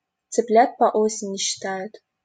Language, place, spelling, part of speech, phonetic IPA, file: Russian, Saint Petersburg, цыплят по осени считают, proverb, [t͡sɨˈplʲat pɐ‿ˈosʲɪnʲɪ ɕːɪˈtajʊt], LL-Q7737 (rus)-цыплят по осени считают.wav
- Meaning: don't count your chickens before they're hatched